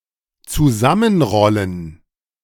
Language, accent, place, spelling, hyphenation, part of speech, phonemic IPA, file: German, Germany, Berlin, zusammenrollen, zu‧sam‧men‧rol‧len, verb, /t͡suˈzamənʁɔlən/, De-zusammenrollen.ogg
- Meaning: 1. to roll up 2. to curl up, to roll up (into a ball)